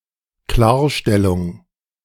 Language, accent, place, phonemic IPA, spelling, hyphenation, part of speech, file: German, Germany, Berlin, /ˈklaːɐ̯ˌʃtɛlʊŋ/, Klarstellung, Klar‧stel‧lung, noun, De-Klarstellung.ogg
- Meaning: clarification